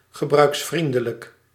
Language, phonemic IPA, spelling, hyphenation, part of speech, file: Dutch, /ɣəˌbrœy̯ksˈfrin.də.lək/, gebruiksvriendelijk, ge‧bruiks‧vrien‧de‧lijk, adjective, Nl-gebruiksvriendelijk.ogg
- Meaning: use-friendly, user-friendly